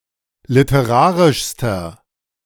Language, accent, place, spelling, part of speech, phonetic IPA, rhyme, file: German, Germany, Berlin, literarischster, adjective, [lɪtəˈʁaːʁɪʃstɐ], -aːʁɪʃstɐ, De-literarischster.ogg
- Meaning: inflection of literarisch: 1. strong/mixed nominative masculine singular superlative degree 2. strong genitive/dative feminine singular superlative degree 3. strong genitive plural superlative degree